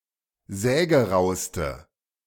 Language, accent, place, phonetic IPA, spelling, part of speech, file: German, Germany, Berlin, [ˈzɛːɡəˌʁaʊ̯stə], sägerauste, adjective, De-sägerauste.ogg
- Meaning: inflection of sägerau: 1. strong/mixed nominative/accusative feminine singular superlative degree 2. strong nominative/accusative plural superlative degree